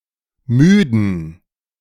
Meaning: inflection of müde: 1. strong genitive masculine/neuter singular 2. weak/mixed genitive/dative all-gender singular 3. strong/weak/mixed accusative masculine singular 4. strong dative plural
- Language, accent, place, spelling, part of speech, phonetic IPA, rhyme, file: German, Germany, Berlin, müden, adjective, [ˈmyːdn̩], -yːdn̩, De-müden.ogg